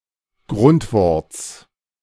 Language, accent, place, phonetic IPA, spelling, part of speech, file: German, Germany, Berlin, [ˈɡʁʊntˌvɔʁt͡s], Grundworts, noun, De-Grundworts.ogg
- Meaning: genitive of Grundwort